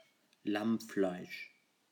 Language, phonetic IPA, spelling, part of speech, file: German, [ˈlamˌflaɪ̯ʃ], Lammfleisch, noun, De-Lammfleisch.ogg
- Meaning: lamb (meat from a sheep)